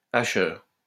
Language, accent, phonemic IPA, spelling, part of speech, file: French, France, /a.ʃœʁ/, hacheur, noun, LL-Q150 (fra)-hacheur.wav
- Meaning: chopper (tool, electronic switch)